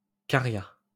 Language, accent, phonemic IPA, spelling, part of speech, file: French, France, /ka.ʁja/, caria, verb, LL-Q150 (fra)-caria.wav
- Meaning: third-person singular past historic of carier